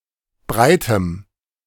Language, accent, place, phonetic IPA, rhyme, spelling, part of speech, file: German, Germany, Berlin, [ˈbʁaɪ̯təm], -aɪ̯təm, breitem, adjective, De-breitem.ogg
- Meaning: strong dative masculine/neuter singular of breit